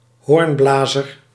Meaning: 1. a hornblower, who uses a signalhorn 2. a musician who plays a horn
- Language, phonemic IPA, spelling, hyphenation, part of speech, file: Dutch, /ˈɦoːrnˌblaː.zər/, hoornblazer, hoorn‧bla‧zer, noun, Nl-hoornblazer.ogg